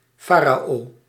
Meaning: pharaoh
- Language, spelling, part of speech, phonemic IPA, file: Dutch, farao, noun, /ˈfarao/, Nl-farao.ogg